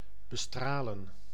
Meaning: 1. to shine upon 2. to irradiate 3. to treat with radiotherapy
- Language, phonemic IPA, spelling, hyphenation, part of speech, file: Dutch, /bəˈstraːlə(n)/, bestralen, be‧stra‧len, verb, Nl-bestralen.ogg